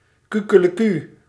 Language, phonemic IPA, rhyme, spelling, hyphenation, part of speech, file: Dutch, /ˌkykələˈky/, -y, kukeleku, ku‧ke‧le‧ku, interjection, Nl-kukeleku.ogg
- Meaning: cock-a-doodle-doo, onomatopoeia for the cry of the rooster